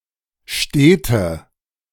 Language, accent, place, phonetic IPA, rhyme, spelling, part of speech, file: German, Germany, Berlin, [ˈʃteːtə], -eːtə, stete, adjective, De-stete.ogg
- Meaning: inflection of stet: 1. strong/mixed nominative/accusative feminine singular 2. strong nominative/accusative plural 3. weak nominative all-gender singular 4. weak accusative feminine/neuter singular